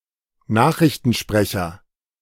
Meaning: newscaster, newsreader (esp. Brit.), news anchor (esp. Am.), news presenter (Br.)
- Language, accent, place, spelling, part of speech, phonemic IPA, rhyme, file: German, Germany, Berlin, Nachrichtensprecher, noun, /ˈnaːχʁɪçtənˌʃpʁɛçɐ/, -ɛçɐ, De-Nachrichtensprecher.ogg